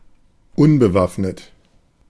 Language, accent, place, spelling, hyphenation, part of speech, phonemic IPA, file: German, Germany, Berlin, unbewaffnet, un‧be‧waff‧net, adjective, /ˈʊnbəˌvafnət/, De-unbewaffnet.ogg
- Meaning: unarmed